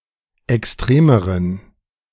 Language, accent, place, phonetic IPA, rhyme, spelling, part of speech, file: German, Germany, Berlin, [ɛksˈtʁeːməʁən], -eːməʁən, extremeren, adjective, De-extremeren.ogg
- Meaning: inflection of extrem: 1. strong genitive masculine/neuter singular comparative degree 2. weak/mixed genitive/dative all-gender singular comparative degree